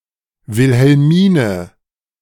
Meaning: a female given name, a popular variant of Wilhelmina, masculine equivalent Wilhelm; diminutive forms Helmina, Helmine, Wilma, Minna
- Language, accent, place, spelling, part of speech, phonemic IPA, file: German, Germany, Berlin, Wilhelmine, proper noun, /vɪlhɛlˈmiːnə/, De-Wilhelmine.ogg